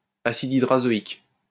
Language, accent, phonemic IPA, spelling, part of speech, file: French, France, /a.sid i.dʁa.zɔ.ik/, acide hydrazoïque, noun, LL-Q150 (fra)-acide hydrazoïque.wav
- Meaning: hydrazoic acid